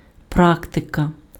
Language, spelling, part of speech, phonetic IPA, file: Ukrainian, практика, noun, [ˈpraktekɐ], Uk-практика.ogg
- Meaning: practice